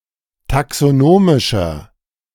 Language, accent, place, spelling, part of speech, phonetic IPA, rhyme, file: German, Germany, Berlin, taxonomischer, adjective, [taksoˈnoːmɪʃɐ], -oːmɪʃɐ, De-taxonomischer.ogg
- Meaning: inflection of taxonomisch: 1. strong/mixed nominative masculine singular 2. strong genitive/dative feminine singular 3. strong genitive plural